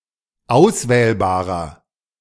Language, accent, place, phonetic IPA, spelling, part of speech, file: German, Germany, Berlin, [ˈaʊ̯sˌvɛːlbaːʁɐ], auswählbarer, adjective, De-auswählbarer.ogg
- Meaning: inflection of auswählbar: 1. strong/mixed nominative masculine singular 2. strong genitive/dative feminine singular 3. strong genitive plural